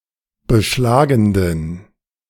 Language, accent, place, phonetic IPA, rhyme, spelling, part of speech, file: German, Germany, Berlin, [bəˈʃlaːɡn̩dən], -aːɡn̩dən, beschlagenden, adjective, De-beschlagenden.ogg
- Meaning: inflection of beschlagend: 1. strong genitive masculine/neuter singular 2. weak/mixed genitive/dative all-gender singular 3. strong/weak/mixed accusative masculine singular 4. strong dative plural